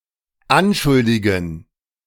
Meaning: to accuse
- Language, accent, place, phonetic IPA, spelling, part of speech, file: German, Germany, Berlin, [ˈanˌʃʊldɪɡn̩], anschuldigen, verb, De-anschuldigen.ogg